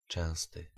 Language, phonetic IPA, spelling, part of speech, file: Polish, [ˈt͡ʃɛ̃w̃stɨ], częsty, adjective, Pl-częsty.ogg